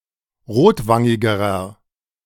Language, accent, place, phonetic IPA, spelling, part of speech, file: German, Germany, Berlin, [ˈʁoːtˌvaŋɪɡəʁɐ], rotwangigerer, adjective, De-rotwangigerer.ogg
- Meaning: inflection of rotwangig: 1. strong/mixed nominative masculine singular comparative degree 2. strong genitive/dative feminine singular comparative degree 3. strong genitive plural comparative degree